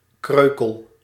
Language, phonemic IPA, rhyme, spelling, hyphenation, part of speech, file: Dutch, /ˈkrøː.kəl/, -øːkəl, kreukel, kreu‧kel, noun / verb, Nl-kreukel.ogg
- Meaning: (noun) wrinkle, crease (generally in textiles, paper or other thin materials); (verb) inflection of kreukelen: 1. first-person singular present indicative 2. second-person singular present indicative